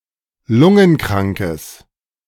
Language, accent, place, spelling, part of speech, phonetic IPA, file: German, Germany, Berlin, lungenkrankes, adjective, [ˈlʊŋənˌkʁaŋkəs], De-lungenkrankes.ogg
- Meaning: strong/mixed nominative/accusative neuter singular of lungenkrank